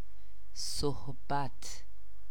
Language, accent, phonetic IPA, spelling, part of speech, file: Persian, Iran, [soɦ.bǽt̪ʰ], صحبت, noun, Fa-صحبت.ogg
- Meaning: 1. talk, speech 2. company (of someone), companionship, accompaniment